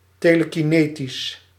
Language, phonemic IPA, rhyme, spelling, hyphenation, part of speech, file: Dutch, /ˌteː.lə.kiˈneː.tis/, -eːtis, telekinetisch, te‧le‧ki‧ne‧tisch, adjective, Nl-telekinetisch.ogg
- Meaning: telekinetic